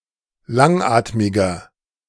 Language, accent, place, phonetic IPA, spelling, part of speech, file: German, Germany, Berlin, [ˈlaŋˌʔaːtmɪɡɐ], langatmiger, adjective, De-langatmiger.ogg
- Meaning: 1. comparative degree of langatmig 2. inflection of langatmig: strong/mixed nominative masculine singular 3. inflection of langatmig: strong genitive/dative feminine singular